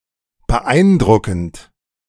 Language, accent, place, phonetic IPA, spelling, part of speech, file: German, Germany, Berlin, [bəˈʔaɪ̯nˌdʁʊkn̩t], beeindruckend, adjective / verb, De-beeindruckend.ogg
- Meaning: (verb) present participle of beeindrucken; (adjective) impressive